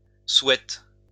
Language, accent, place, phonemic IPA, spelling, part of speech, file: French, France, Lyon, /swɛt/, souhaites, verb, LL-Q150 (fra)-souhaites.wav
- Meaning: second-person singular present indicative/subjunctive of souhaiter